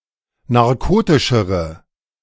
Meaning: inflection of narkotisch: 1. strong/mixed nominative/accusative feminine singular comparative degree 2. strong nominative/accusative plural comparative degree
- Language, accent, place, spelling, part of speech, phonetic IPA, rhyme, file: German, Germany, Berlin, narkotischere, adjective, [naʁˈkoːtɪʃəʁə], -oːtɪʃəʁə, De-narkotischere.ogg